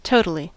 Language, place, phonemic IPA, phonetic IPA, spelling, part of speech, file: English, California, /ˈtoʊ.tə.li/, [ˈtoʊ.ɾə.li], totally, adverb, En-us-totally.ogg
- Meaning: 1. To the fullest extent or degree 2. Very; extremely 3. Definitely; for sure